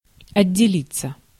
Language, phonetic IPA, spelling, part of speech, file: Russian, [ɐdʲːɪˈlʲit͡sːə], отделиться, verb, Ru-отделиться.ogg
- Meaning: 1. to separate, to get detached, to come off 2. to set up on one's own 3. passive of отдели́ть (otdelítʹ)